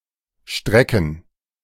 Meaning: plural of Strecke
- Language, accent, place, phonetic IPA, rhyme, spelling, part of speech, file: German, Germany, Berlin, [ˈʃtʁɛkn̩], -ɛkn̩, Strecken, noun, De-Strecken.ogg